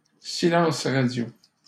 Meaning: radio silence
- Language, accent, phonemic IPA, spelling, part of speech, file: French, Canada, /si.lɑ̃s ʁa.djo/, silence radio, noun, LL-Q150 (fra)-silence radio.wav